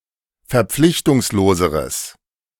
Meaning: strong/mixed nominative/accusative neuter singular comparative degree of verpflichtungslos
- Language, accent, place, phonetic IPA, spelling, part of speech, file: German, Germany, Berlin, [fɛɐ̯ˈp͡flɪçtʊŋsloːzəʁəs], verpflichtungsloseres, adjective, De-verpflichtungsloseres.ogg